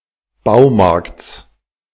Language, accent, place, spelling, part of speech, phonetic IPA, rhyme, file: German, Germany, Berlin, Baumarkts, noun, [ˈbaʊ̯ˌmaʁkt͡s], -aʊ̯maʁkt͡s, De-Baumarkts.ogg
- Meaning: genitive singular of Baumarkt